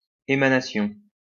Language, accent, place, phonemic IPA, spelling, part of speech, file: French, France, Lyon, /e.ma.na.sjɔ̃/, émanation, noun, LL-Q150 (fra)-émanation.wav
- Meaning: emanation, emission